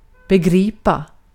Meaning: to grasp, to understand
- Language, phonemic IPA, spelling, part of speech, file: Swedish, /bɛˈɡriːpa/, begripa, verb, Sv-begripa.ogg